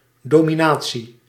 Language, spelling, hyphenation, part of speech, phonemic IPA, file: Dutch, dominatie, do‧mi‧na‧tie, noun, /ˌdoː.miˈnaː.(t)si/, Nl-dominatie.ogg
- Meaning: domination (act or state of dominating)